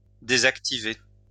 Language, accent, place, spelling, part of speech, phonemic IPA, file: French, France, Lyon, désactiver, verb, /de.zak.ti.ve/, LL-Q150 (fra)-désactiver.wav
- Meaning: 1. to disable, to turn off (to deactivate a function of an electronic or mechanical device) 2. to deactivate